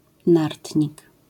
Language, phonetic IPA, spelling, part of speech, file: Polish, [ˈnartʲɲik], nartnik, noun, LL-Q809 (pol)-nartnik.wav